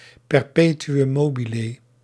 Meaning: alternative spelling of perpetuüm mobile
- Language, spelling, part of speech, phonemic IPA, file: Dutch, perpetuum mobile, noun, /pɛrˈpeːtu.um ˈmoːbileː/, Nl-perpetuum mobile.ogg